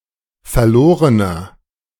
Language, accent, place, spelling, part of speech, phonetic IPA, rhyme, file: German, Germany, Berlin, verlorener, adjective, [fɛɐ̯ˈloːʁənɐ], -oːʁənɐ, De-verlorener.ogg
- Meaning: inflection of verloren: 1. strong/mixed nominative masculine singular 2. strong genitive/dative feminine singular 3. strong genitive plural